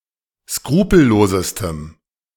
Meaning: strong dative masculine/neuter singular superlative degree of skrupellos
- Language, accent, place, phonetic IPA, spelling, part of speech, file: German, Germany, Berlin, [ˈskʁuːpl̩ˌloːzəstəm], skrupellosestem, adjective, De-skrupellosestem.ogg